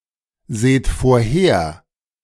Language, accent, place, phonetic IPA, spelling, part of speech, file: German, Germany, Berlin, [ˌzeːt foːɐ̯ˈheːɐ̯], seht vorher, verb, De-seht vorher.ogg
- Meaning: inflection of vorhersehen: 1. second-person plural present 2. plural imperative